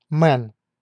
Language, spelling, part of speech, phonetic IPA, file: Russian, Мэн, proper noun, [mɛn], Ru-Мэн.ogg
- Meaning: Maine (a state of the United States; probably named for the province in France)